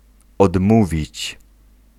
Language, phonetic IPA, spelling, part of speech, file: Polish, [ɔdˈmuvʲit͡ɕ], odmówić, verb, Pl-odmówić.ogg